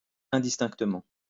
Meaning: indistinctly
- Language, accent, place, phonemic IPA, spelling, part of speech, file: French, France, Lyon, /ɛ̃.dis.tɛ̃k.tə.mɑ̃/, indistinctement, adverb, LL-Q150 (fra)-indistinctement.wav